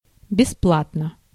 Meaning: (adverb) gratis, free of charge; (adjective) short neuter singular of беспла́тный (besplátnyj)
- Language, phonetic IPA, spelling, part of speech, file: Russian, [bʲɪˈspɫatnə], бесплатно, adverb / adjective, Ru-бесплатно.ogg